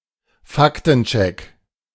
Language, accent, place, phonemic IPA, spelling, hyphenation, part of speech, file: German, Germany, Berlin, /ˈfaktn̩ˌt͡ʃɛk/, Faktencheck, Fak‧ten‧check, noun, De-Faktencheck.ogg
- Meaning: fact check